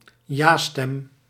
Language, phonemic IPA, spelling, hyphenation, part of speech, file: Dutch, /ˈjastɛm/, ja-stem, ja-stem, noun, Nl-ja-stem.ogg
- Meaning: yea vote